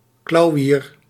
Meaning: shrike, butcherbird, bird of the family Laniidae
- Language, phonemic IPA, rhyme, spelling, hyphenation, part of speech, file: Dutch, /klɑu̯ˈʋiːr/, -iːr, klauwier, klau‧wier, noun, Nl-klauwier.ogg